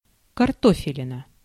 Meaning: an individual potato
- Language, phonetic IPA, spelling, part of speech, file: Russian, [kɐrˈtofʲɪlʲɪnə], картофелина, noun, Ru-картофелина.ogg